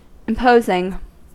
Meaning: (verb) present participle and gerund of impose; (adjective) Magnificent and impressive because of appearance, size, stateliness or dignity
- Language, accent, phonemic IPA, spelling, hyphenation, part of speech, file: English, US, /ɪmˈpoʊzɪŋ/, imposing, im‧pos‧ing, verb / adjective, En-us-imposing.ogg